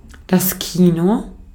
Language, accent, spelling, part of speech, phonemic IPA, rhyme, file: German, Austria, Kino, noun, /ˈkiːnoː/, -iːno, De-at-Kino.ogg
- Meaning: cinema